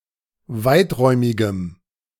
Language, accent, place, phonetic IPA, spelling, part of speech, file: German, Germany, Berlin, [ˈvaɪ̯tˌʁɔɪ̯mɪɡəm], weiträumigem, adjective, De-weiträumigem.ogg
- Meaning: strong dative masculine/neuter singular of weiträumig